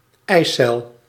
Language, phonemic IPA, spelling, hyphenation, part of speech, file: Dutch, /ˈɛi̯.sɛl/, eicel, ei‧cel, noun, Nl-eicel.ogg
- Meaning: ovum, egg cell